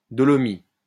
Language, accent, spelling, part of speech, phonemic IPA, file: French, France, dolomie, noun, /dɔ.lɔ.mi/, LL-Q150 (fra)-dolomie.wav
- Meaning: dolostone